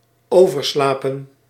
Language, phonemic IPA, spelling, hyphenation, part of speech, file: Dutch, /ˌoː.vərˈslaː.pə(n)/, overslapen, over‧sla‧pen, verb, Nl-overslapen.ogg
- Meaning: 1. to oversleep 2. past participle of overslapen